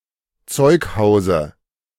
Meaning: dative of Zeughaus
- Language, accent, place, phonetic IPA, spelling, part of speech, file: German, Germany, Berlin, [ˈt͡sɔɪ̯kˌhaʊ̯zə], Zeughause, noun, De-Zeughause.ogg